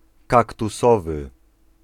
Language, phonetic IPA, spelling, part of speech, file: Polish, [ˌkaktuˈsɔvɨ], kaktusowy, adjective, Pl-kaktusowy.ogg